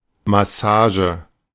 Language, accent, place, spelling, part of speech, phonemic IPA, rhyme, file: German, Germany, Berlin, Massage, noun, /maˈsaːʒə/, -aːʒə, De-Massage.ogg
- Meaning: massage